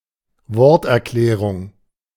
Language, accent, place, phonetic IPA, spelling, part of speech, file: German, Germany, Berlin, [ˈvɔʁtʔɛɐ̯ˌklɛːʁʊŋ], Worterklärung, noun, De-Worterklärung.ogg
- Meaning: the definition of a word